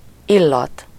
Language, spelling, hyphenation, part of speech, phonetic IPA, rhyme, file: Hungarian, illat, il‧lat, noun, [ˈilːɒt], -ɒt, Hu-illat.ogg
- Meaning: fragrance, scent